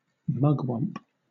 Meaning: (noun) A (male) leader; an important (male) person
- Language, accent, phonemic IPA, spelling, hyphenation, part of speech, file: English, Southern England, /ˈmʌɡwʌmp/, mugwump, mug‧wump, noun / verb, LL-Q1860 (eng)-mugwump.wav